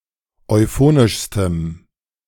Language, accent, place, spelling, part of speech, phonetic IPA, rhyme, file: German, Germany, Berlin, euphonischstem, adjective, [ɔɪ̯ˈfoːnɪʃstəm], -oːnɪʃstəm, De-euphonischstem.ogg
- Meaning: strong dative masculine/neuter singular superlative degree of euphonisch